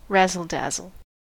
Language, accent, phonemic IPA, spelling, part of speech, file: English, US, /ræzəl dæzəl/, razzle-dazzle, noun / verb, En-us-razzle-dazzle.ogg
- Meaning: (noun) 1. Glitz, glamour, showiness, or pizazz 2. Dazzle camouflage; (verb) To confuse or overcome with glamour or showiness; to dazzle